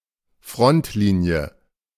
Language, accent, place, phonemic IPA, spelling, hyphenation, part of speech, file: German, Germany, Berlin, /ˈfʁɔntˌliːni̯ə/, Frontlinie, Front‧li‧nie, noun, De-Frontlinie.ogg
- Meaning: front line